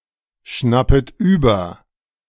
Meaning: second-person plural subjunctive I of überschnappen
- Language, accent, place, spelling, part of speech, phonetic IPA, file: German, Germany, Berlin, schnappet über, verb, [ˌʃnapət ˈyːbɐ], De-schnappet über.ogg